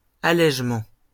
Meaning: alternative form of allégement
- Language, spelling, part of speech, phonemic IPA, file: French, allègement, noun, /a.lɛʒ.mɑ̃/, LL-Q150 (fra)-allègement.wav